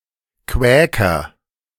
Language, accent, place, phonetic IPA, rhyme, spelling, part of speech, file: German, Germany, Berlin, [ˈkvɛːkɐ], -ɛːkɐ, Quäker, noun, De-Quäker.ogg
- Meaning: Quaker